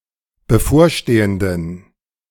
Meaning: inflection of bevorstehend: 1. strong genitive masculine/neuter singular 2. weak/mixed genitive/dative all-gender singular 3. strong/weak/mixed accusative masculine singular 4. strong dative plural
- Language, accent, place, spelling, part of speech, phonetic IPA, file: German, Germany, Berlin, bevorstehenden, adjective, [bəˈfoːɐ̯ˌʃteːəndn̩], De-bevorstehenden.ogg